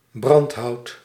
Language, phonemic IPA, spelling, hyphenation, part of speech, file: Dutch, /ˈbrɑnt.ɦɑu̯t/, brandhout, brand‧hout, noun, Nl-brandhout.ogg
- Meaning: 1. firewood 2. something of very low quality